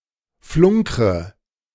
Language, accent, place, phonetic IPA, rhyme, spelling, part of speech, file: German, Germany, Berlin, [ˈflʊŋkʁə], -ʊŋkʁə, flunkre, verb, De-flunkre.ogg
- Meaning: inflection of flunkern: 1. first-person singular present 2. first/third-person singular subjunctive I 3. singular imperative